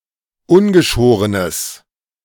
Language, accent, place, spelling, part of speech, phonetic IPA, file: German, Germany, Berlin, ungeschorenes, adjective, [ˈʊnɡəˌʃoːʁənəs], De-ungeschorenes.ogg
- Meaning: strong/mixed nominative/accusative neuter singular of ungeschoren